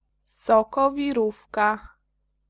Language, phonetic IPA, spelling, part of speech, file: Polish, [ˌsɔkɔvʲiˈrufka], sokowirówka, noun, Pl-sokowirówka.ogg